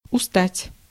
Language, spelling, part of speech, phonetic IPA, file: Russian, устать, verb, [ʊˈstatʲ], Ru-устать.ogg
- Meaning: to get tired